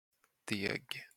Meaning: 1. dough; a thick mix of flour and water 2. dough (money)
- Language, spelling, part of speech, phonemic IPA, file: Swedish, deg, noun, /deːɡ/, Sv-deg.flac